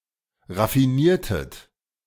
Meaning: inflection of raffinieren: 1. second-person plural preterite 2. second-person plural subjunctive II
- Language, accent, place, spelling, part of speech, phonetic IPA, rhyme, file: German, Germany, Berlin, raffiniertet, verb, [ʁafiˈniːɐ̯tət], -iːɐ̯tət, De-raffiniertet.ogg